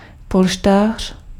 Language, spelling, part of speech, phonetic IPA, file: Czech, polštář, noun, [ˈpolʃtaːr̝̊], Cs-polštář.ogg
- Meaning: 1. pillow 2. cushion